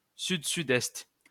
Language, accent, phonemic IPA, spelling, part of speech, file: French, France, /syd.sy.dɛst/, sud-sud-est, noun, LL-Q150 (fra)-sud-sud-est.wav
- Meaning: south-southeast (compass point)